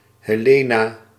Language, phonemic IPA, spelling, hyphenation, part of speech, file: Dutch, /ɦeːˈleːnaː/, Helena, He‧le‧na, proper noun, Nl-Helena.ogg
- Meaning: a female given name, a Latinate variant of Heleen (=Helen)